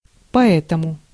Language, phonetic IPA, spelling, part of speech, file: Russian, [pɐˈɛtəmʊ], поэтому, adverb, Ru-поэтому.ogg
- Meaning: so, therefore, that's why